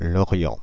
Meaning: Lorient (a coastal town in Morbihan department, Brittany, France)
- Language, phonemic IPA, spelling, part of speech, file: French, /lɔ.ʁjɑ̃/, Lorient, proper noun, Fr-Lorient.ogg